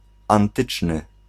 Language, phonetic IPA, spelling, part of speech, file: Polish, [ãnˈtɨt͡ʃnɨ], antyczny, adjective, Pl-antyczny.ogg